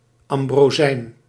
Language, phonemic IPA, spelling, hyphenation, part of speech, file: Dutch, /ˌɑm.broːˈzɛi̯n/, ambrozijn, am‧bro‧zijn, noun, Nl-ambrozijn.ogg
- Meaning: 1. ambrosia (divine sustenance) 2. outstanding food, delicacy 3. beebread, bee pollen